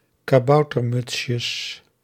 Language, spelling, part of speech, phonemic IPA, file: Dutch, kaboutermutsjes, noun, /kaˈbɑutərˌmʏtʃəs/, Nl-kaboutermutsjes.ogg
- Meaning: plural of kaboutermutsje